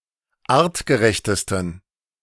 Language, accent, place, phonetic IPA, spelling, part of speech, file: German, Germany, Berlin, [ˈaːʁtɡəˌʁɛçtəstn̩], artgerechtesten, adjective, De-artgerechtesten.ogg
- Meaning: 1. superlative degree of artgerecht 2. inflection of artgerecht: strong genitive masculine/neuter singular superlative degree